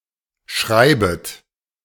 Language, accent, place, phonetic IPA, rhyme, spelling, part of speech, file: German, Germany, Berlin, [ˈʃʁaɪ̯bət], -aɪ̯bət, schreibet, verb, De-schreibet.ogg
- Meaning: second-person plural subjunctive I of schreiben